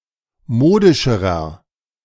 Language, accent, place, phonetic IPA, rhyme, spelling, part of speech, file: German, Germany, Berlin, [ˈmoːdɪʃəʁɐ], -oːdɪʃəʁɐ, modischerer, adjective, De-modischerer.ogg
- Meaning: inflection of modisch: 1. strong/mixed nominative masculine singular comparative degree 2. strong genitive/dative feminine singular comparative degree 3. strong genitive plural comparative degree